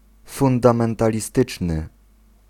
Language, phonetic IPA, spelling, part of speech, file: Polish, [ˌfũndãmɛ̃ntalʲiˈstɨt͡ʃnɨ], fundamentalistyczny, adjective, Pl-fundamentalistyczny.ogg